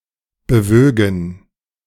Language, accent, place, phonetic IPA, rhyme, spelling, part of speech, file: German, Germany, Berlin, [bəˈvøːɡn̩], -øːɡn̩, bewögen, verb, De-bewögen.ogg
- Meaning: first-person plural subjunctive II of bewegen